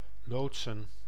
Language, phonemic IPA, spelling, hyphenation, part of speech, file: Dutch, /ˈloːt.sə(n)/, loodsen, lood‧sen, verb / noun, Nl-loodsen.ogg
- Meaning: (verb) 1. to pilot (a vessel) 2. to lead, guide; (noun) 1. plural of loods (sense pilot) 2. plural of loods (sense construction)